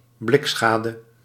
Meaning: minor damage to a vehicle (for example in an accident), limited to scratches and dents in the exterior
- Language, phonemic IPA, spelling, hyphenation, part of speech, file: Dutch, /ˈblɪkˌsxaː.də/, blikschade, blik‧scha‧de, noun, Nl-blikschade.ogg